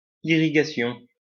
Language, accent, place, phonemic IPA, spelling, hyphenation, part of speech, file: French, France, Lyon, /i.ʁi.ɡa.sjɔ̃/, irrigation, i‧rri‧ga‧tion, noun, LL-Q150 (fra)-irrigation.wav
- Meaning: irrigation